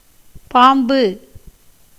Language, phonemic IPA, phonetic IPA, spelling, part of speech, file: Tamil, /pɑːmbɯ/, [päːmbɯ], பாம்பு, noun, Ta-பாம்பு.ogg
- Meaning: snake